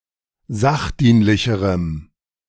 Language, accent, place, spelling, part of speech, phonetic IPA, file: German, Germany, Berlin, sachdienlicherem, adjective, [ˈzaxˌdiːnlɪçəʁəm], De-sachdienlicherem.ogg
- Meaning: strong dative masculine/neuter singular comparative degree of sachdienlich